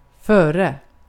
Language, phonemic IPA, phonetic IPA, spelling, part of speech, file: Swedish, /²føːrɛ/, [²fœ̞ːrɛ], före, preposition / noun, Sv-före.ogg
- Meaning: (preposition) 1. in front of; ahead of 2. before; earlier in time than